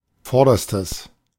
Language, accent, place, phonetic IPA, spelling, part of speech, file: German, Germany, Berlin, [ˈfɔʁdɐstəs], vorderstes, adjective, De-vorderstes.ogg
- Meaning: strong/mixed nominative/accusative neuter singular superlative degree of vorderer